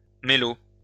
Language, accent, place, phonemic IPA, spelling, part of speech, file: French, France, Lyon, /me.lo/, mélo, noun / adjective, LL-Q150 (fra)-mélo.wav
- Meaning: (noun) clipping of mélodrame (“melodrama”); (adjective) clipping of mélodramatique (“melodramatic”)